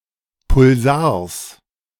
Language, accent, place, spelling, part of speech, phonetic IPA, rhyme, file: German, Germany, Berlin, Pulsars, noun, [pʊlˈzaːɐ̯s], -aːɐ̯s, De-Pulsars.ogg
- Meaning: genitive singular of Pulsar